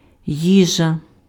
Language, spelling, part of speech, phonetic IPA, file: Ukrainian, їжа, noun, [ˈjiʒɐ], Uk-їжа.ogg
- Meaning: 1. food 2. meal